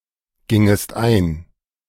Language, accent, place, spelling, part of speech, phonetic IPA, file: German, Germany, Berlin, gingest ein, verb, [ˌɡɪŋəst ˈaɪ̯n], De-gingest ein.ogg
- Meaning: second-person singular subjunctive II of eingehen